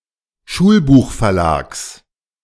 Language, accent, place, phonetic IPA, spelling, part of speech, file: German, Germany, Berlin, [ˈʃuːlbuːxfɛɐ̯ˌlaːks], Schulbuchverlags, noun, De-Schulbuchverlags.ogg
- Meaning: genitive singular of Schulbuchverlag